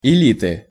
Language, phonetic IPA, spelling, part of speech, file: Russian, [ɪˈlʲitɨ], элиты, noun, Ru-элиты.ogg
- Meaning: inflection of эли́та (elíta): 1. genitive singular 2. nominative/accusative plural